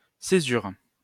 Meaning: caesura (a pause or interruption)
- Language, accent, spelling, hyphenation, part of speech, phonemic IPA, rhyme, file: French, France, césure, cé‧sure, noun, /se.zyʁ/, -yʁ, LL-Q150 (fra)-césure.wav